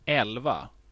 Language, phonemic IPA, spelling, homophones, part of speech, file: Swedish, /ˈɛlˌva/, elva, älva, numeral / noun, Sv-elva.ogg
- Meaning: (numeral) eleven; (noun) 1. a group of eleven, a football (soccer) team (with eleven players) 2. a participant in 11th position